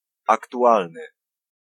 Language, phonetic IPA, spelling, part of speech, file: Polish, [ˌaktuˈʷalnɨ], aktualny, adjective, Pl-aktualny.ogg